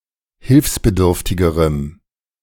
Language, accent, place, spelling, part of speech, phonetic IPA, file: German, Germany, Berlin, hilfsbedürftigerem, adjective, [ˈhɪlfsbəˌdʏʁftɪɡəʁəm], De-hilfsbedürftigerem.ogg
- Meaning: strong dative masculine/neuter singular comparative degree of hilfsbedürftig